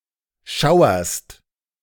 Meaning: second-person singular present of schauern
- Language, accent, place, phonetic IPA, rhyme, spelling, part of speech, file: German, Germany, Berlin, [ˈʃaʊ̯ɐst], -aʊ̯ɐst, schauerst, verb, De-schauerst.ogg